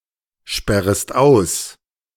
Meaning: second-person singular subjunctive I of aussperren
- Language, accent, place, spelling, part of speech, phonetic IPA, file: German, Germany, Berlin, sperrest aus, verb, [ˌʃpɛʁəst ˈaʊ̯s], De-sperrest aus.ogg